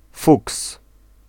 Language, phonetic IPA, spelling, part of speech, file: Polish, [fuks], fuks, noun, Pl-fuks.ogg